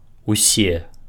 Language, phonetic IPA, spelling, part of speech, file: Belarusian, [uˈsʲe], усе, determiner, Be-усе.ogg
- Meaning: all, every